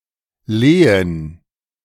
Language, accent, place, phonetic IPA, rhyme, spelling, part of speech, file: German, Germany, Berlin, [ˈleːən], -eːən, Lehen, noun, De-Lehen.ogg
- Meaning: feud or fief (estate granted to a vassal by a feudal lord)